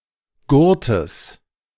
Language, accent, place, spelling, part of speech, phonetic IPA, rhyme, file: German, Germany, Berlin, Gurtes, noun, [ˈɡʊʁtəs], -ʊʁtəs, De-Gurtes.ogg
- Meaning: genitive singular of Gurt